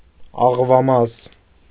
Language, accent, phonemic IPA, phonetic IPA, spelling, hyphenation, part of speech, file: Armenian, Eastern Armenian, /ɑʁvɑˈmɑz/, [ɑʁvɑmɑ́z], աղվամազ, աղ‧վա‧մազ, noun, Hy-աղվամազ.ogg
- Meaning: 1. soft hair, fluff 2. down (on birds)